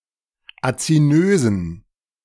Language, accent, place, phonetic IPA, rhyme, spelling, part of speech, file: German, Germany, Berlin, [at͡siˈnøːzn̩], -øːzn̩, azinösen, adjective, De-azinösen.ogg
- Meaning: inflection of azinös: 1. strong genitive masculine/neuter singular 2. weak/mixed genitive/dative all-gender singular 3. strong/weak/mixed accusative masculine singular 4. strong dative plural